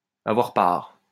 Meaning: to take part (participate or join in)
- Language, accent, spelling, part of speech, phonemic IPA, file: French, France, avoir part, verb, /a.vwaʁ paʁ/, LL-Q150 (fra)-avoir part.wav